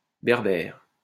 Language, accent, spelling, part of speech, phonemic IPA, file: French, France, berbère, adjective / noun, /bɛʁ.bɛʁ/, LL-Q150 (fra)-berbère.wav
- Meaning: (adjective) Berber (of or relating to the Berber people); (noun) the Berber language family